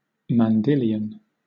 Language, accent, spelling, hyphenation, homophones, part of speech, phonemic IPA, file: English, Southern England, mandilion, man‧di‧li‧on, mandylion, noun, /mɑnˈdɪlɪən/, LL-Q1860 (eng)-mandilion.wav
- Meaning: A loose outer garment resembling a cassock or coat, often sleeveless, worn by soldiers over armour or by menservants as a type of overcoat